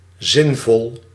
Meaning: 1. meaningful, useful 2. sensible, making sense
- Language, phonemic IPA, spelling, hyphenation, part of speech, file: Dutch, /ˈzɪn.vɔl/, zinvol, zin‧vol, adjective, Nl-zinvol.ogg